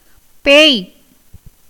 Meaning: 1. ghost, demon, fiend 2. madness, frenzy
- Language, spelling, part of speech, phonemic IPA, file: Tamil, பேய், noun, /peːj/, Ta-பேய்.ogg